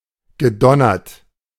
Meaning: past participle of donnern
- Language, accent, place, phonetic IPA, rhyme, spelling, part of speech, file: German, Germany, Berlin, [ɡəˈdɔnɐt], -ɔnɐt, gedonnert, verb, De-gedonnert.ogg